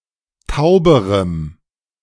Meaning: strong dative masculine/neuter singular comparative degree of taub
- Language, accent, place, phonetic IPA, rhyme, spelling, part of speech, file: German, Germany, Berlin, [ˈtaʊ̯bəʁəm], -aʊ̯bəʁəm, tauberem, adjective, De-tauberem.ogg